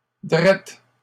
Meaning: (adjective) 1. (North America) form of droit 2. direct; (adverb) directly
- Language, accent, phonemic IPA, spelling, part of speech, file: French, Canada, /dʁɛt/, drette, adjective / adverb, LL-Q150 (fra)-drette.wav